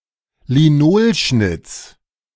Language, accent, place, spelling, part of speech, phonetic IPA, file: German, Germany, Berlin, Linolschnitts, noun, [liˈnoːlˌʃnɪt͡s], De-Linolschnitts.ogg
- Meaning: genitive singular of Linolschnitt